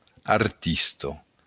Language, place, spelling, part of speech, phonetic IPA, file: Occitan, Béarn, artista, noun, [aɾˈtisto], LL-Q14185 (oci)-artista.wav
- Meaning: artist